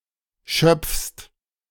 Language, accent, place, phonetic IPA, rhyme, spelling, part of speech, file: German, Germany, Berlin, [ʃœp͡fst], -œp͡fst, schöpfst, verb, De-schöpfst.ogg
- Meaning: second-person singular present of schöpfen